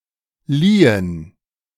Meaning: inflection of leihen: 1. first/third-person plural preterite 2. first/third-person plural subjunctive II
- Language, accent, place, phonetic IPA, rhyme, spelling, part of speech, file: German, Germany, Berlin, [ˈliːən], -iːən, liehen, verb, De-liehen.ogg